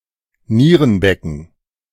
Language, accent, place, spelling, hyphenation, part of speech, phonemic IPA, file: German, Germany, Berlin, Nierenbecken, Nie‧ren‧be‧cken, noun, /ˈniːʁənˌbɛkn̩/, De-Nierenbecken.ogg
- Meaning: renal pelvis